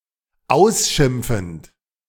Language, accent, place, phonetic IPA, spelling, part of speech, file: German, Germany, Berlin, [ˈaʊ̯sˌʃɪmp͡fn̩t], ausschimpfend, verb, De-ausschimpfend.ogg
- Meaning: present participle of ausschimpfen